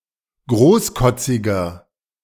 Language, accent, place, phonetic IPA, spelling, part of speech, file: German, Germany, Berlin, [ˈɡʁoːsˌkɔt͡sɪɡɐ], großkotziger, adjective, De-großkotziger.ogg
- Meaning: 1. comparative degree of großkotzig 2. inflection of großkotzig: strong/mixed nominative masculine singular 3. inflection of großkotzig: strong genitive/dative feminine singular